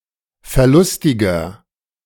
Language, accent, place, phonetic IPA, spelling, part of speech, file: German, Germany, Berlin, [fɛɐ̯ˈlʊstɪɡɐ], verlustiger, adjective, De-verlustiger.ogg
- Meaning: inflection of verlustig: 1. strong/mixed nominative masculine singular 2. strong genitive/dative feminine singular 3. strong genitive plural